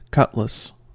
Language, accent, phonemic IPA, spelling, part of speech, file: English, US, /ˈkʌtləs/, cutlass, noun / verb, En-us-cutlass.ogg
- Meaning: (noun) 1. A short sword with a curved blade, and a convex edge; once used by sailors when boarding an enemy ship 2. A similarly shaped tool; a machete; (verb) To cut back (vegetation) with a cutlass